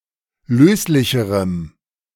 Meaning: strong dative masculine/neuter singular comparative degree of löslich
- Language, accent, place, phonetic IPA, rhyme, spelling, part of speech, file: German, Germany, Berlin, [ˈløːslɪçəʁəm], -øːslɪçəʁəm, löslicherem, adjective, De-löslicherem.ogg